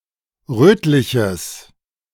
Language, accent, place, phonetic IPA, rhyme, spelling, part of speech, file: German, Germany, Berlin, [ˈʁøːtlɪçəs], -øːtlɪçəs, rötliches, adjective, De-rötliches.ogg
- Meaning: strong/mixed nominative/accusative neuter singular of rötlich